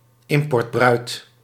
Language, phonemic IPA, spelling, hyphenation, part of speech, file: Dutch, /ˈɪm.pɔrtˌbrœy̯t/, importbruid, im‧port‧bruid, noun, Nl-importbruid.ogg
- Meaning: mail-order bride